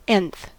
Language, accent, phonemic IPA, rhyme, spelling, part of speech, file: English, US, /ɛnθ/, -ɛnθ, nth, adjective / noun, En-us-nth.ogg
- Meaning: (adjective) 1. Occurring at position n in a sequence 2. Occurring at a relatively large but unspecified position in a series; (noun) The item at position n in a sequence